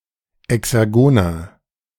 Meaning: 1. comparative degree of exergon 2. inflection of exergon: strong/mixed nominative masculine singular 3. inflection of exergon: strong genitive/dative feminine singular
- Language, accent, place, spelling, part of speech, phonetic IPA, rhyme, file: German, Germany, Berlin, exergoner, adjective, [ɛksɛʁˈɡoːnɐ], -oːnɐ, De-exergoner.ogg